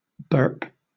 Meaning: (noun) A belch; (verb) 1. To emit a burp 2. To utter by burping 3. To cause someone (such as a baby) to burp 4. To open (a container of fermenting substance) to allow the release of accumulated gas
- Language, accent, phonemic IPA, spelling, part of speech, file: English, Southern England, /bɜːp/, burp, noun / verb, LL-Q1860 (eng)-burp.wav